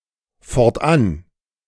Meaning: henceforth
- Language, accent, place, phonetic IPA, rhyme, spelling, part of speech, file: German, Germany, Berlin, [fɔʁtˈʔan], -an, fortan, adverb, De-fortan.ogg